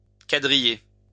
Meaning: 1. to crosshatch (mark into squares) 2. to criss-cross
- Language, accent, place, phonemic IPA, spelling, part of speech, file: French, France, Lyon, /ka.dʁi.je/, quadriller, verb, LL-Q150 (fra)-quadriller.wav